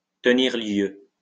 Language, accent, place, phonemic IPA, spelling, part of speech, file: French, France, Lyon, /tə.niʁ ljø/, tenir lieu, verb, LL-Q150 (fra)-tenir lieu.wav
- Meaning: to serve as, to substitute for, to take the place of